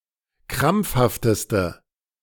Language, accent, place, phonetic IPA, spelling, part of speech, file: German, Germany, Berlin, [ˈkʁamp͡fhaftəstə], krampfhafteste, adjective, De-krampfhafteste.ogg
- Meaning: inflection of krampfhaft: 1. strong/mixed nominative/accusative feminine singular superlative degree 2. strong nominative/accusative plural superlative degree